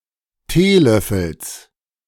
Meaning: genitive singular of Teelöffel
- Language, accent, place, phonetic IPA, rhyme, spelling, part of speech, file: German, Germany, Berlin, [ˈteːˌlœfl̩s], -eːlœfl̩s, Teelöffels, noun, De-Teelöffels.ogg